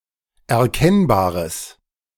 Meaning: strong/mixed nominative/accusative neuter singular of erkennbar
- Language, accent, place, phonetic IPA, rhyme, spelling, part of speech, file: German, Germany, Berlin, [ɛɐ̯ˈkɛnbaːʁəs], -ɛnbaːʁəs, erkennbares, adjective, De-erkennbares.ogg